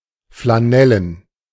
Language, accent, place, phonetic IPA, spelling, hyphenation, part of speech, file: German, Germany, Berlin, [flaˈnɛlən], flanellen, fla‧nel‧len, adjective, De-flanellen.ogg
- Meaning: flannel